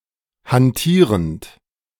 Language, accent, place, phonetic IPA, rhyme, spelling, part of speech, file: German, Germany, Berlin, [hanˈtiːʁənt], -iːʁənt, hantierend, verb, De-hantierend.ogg
- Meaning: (verb) present participle of hantieren; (adjective) plying